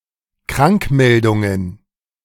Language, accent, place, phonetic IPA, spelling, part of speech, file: German, Germany, Berlin, [ˈkʁaŋkˌmɛldʊŋən], Krankmeldungen, noun, De-Krankmeldungen.ogg
- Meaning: plural of Krankmeldung